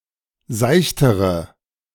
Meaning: inflection of seicht: 1. strong/mixed nominative/accusative feminine singular comparative degree 2. strong nominative/accusative plural comparative degree
- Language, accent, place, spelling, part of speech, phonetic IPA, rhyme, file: German, Germany, Berlin, seichtere, adjective, [ˈzaɪ̯çtəʁə], -aɪ̯çtəʁə, De-seichtere.ogg